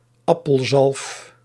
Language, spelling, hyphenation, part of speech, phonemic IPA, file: Dutch, appelzalf, ap‧pel‧zalf, noun, /ˈɑ.pəlˌzɑlf/, Nl-appelzalf.ogg
- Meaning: a red cosmetic ointment based on mercury oxide